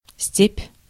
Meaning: steppe, veldt (the grasslands of Eastern Europe and Asia)
- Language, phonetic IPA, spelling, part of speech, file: Russian, [sʲtʲepʲ], степь, noun, Ru-степь.ogg